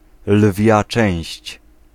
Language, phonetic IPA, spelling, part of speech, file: Polish, [ˈlvʲja ˈt͡ʃɛ̃w̃ɕt͡ɕ], lwia część, noun, Pl-lwia część.ogg